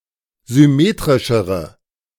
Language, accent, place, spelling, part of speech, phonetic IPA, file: German, Germany, Berlin, symmetrischere, adjective, [zʏˈmeːtʁɪʃəʁə], De-symmetrischere.ogg
- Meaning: inflection of symmetrisch: 1. strong/mixed nominative/accusative feminine singular comparative degree 2. strong nominative/accusative plural comparative degree